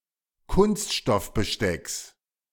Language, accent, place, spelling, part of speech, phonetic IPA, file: German, Germany, Berlin, Kunststoffbestecks, noun, [ˈkʊnstʃtɔfbəˌʃtɛks], De-Kunststoffbestecks.ogg
- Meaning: genitive singular of Kunststoffbesteck